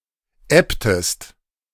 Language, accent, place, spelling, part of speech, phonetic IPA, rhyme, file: German, Germany, Berlin, ebbtest, verb, [ˈɛptəst], -ɛptəst, De-ebbtest.ogg
- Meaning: inflection of ebben: 1. second-person singular preterite 2. second-person singular subjunctive II